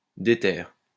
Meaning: diehard, hellbent, determined (resolute, possessing much determination)
- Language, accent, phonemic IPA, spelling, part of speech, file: French, France, /de.tɛʁ/, déter, adjective, LL-Q150 (fra)-déter.wav